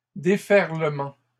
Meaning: plural of déferlement
- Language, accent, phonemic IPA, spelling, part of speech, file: French, Canada, /de.fɛʁ.lə.mɑ̃/, déferlements, noun, LL-Q150 (fra)-déferlements.wav